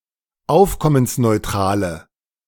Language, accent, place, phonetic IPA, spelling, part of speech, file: German, Germany, Berlin, [ˈaʊ̯fkɔmənsnɔɪ̯ˌtʁaːlə], aufkommensneutrale, adjective, De-aufkommensneutrale.ogg
- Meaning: inflection of aufkommensneutral: 1. strong/mixed nominative/accusative feminine singular 2. strong nominative/accusative plural 3. weak nominative all-gender singular